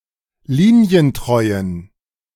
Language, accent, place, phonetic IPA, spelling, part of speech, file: German, Germany, Berlin, [ˈliːni̯ənˌtʁɔɪ̯ən], linientreuen, adjective, De-linientreuen.ogg
- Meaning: inflection of linientreu: 1. strong genitive masculine/neuter singular 2. weak/mixed genitive/dative all-gender singular 3. strong/weak/mixed accusative masculine singular 4. strong dative plural